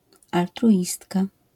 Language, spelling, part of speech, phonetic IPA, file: Polish, altruistka, noun, [ˌaltruˈʲistka], LL-Q809 (pol)-altruistka.wav